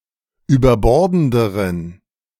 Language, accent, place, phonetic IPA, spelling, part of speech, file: German, Germany, Berlin, [yːbɐˈbɔʁdn̩dəʁən], überbordenderen, adjective, De-überbordenderen.ogg
- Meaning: inflection of überbordend: 1. strong genitive masculine/neuter singular comparative degree 2. weak/mixed genitive/dative all-gender singular comparative degree